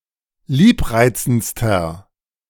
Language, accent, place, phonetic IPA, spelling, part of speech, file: German, Germany, Berlin, [ˈliːpˌʁaɪ̯t͡sn̩t͡stɐ], liebreizendster, adjective, De-liebreizendster.ogg
- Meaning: inflection of liebreizend: 1. strong/mixed nominative masculine singular superlative degree 2. strong genitive/dative feminine singular superlative degree 3. strong genitive plural superlative degree